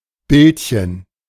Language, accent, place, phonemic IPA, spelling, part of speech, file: German, Germany, Berlin, /ˈbɪltçən/, Bildchen, noun, De-Bildchen.ogg
- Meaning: diminutive of Bild